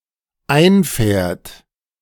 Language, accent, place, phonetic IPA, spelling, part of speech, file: German, Germany, Berlin, [ˈaɪ̯nˌfɛːɐ̯t], einfährt, verb, De-einfährt.ogg
- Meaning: third-person singular dependent present of einfahren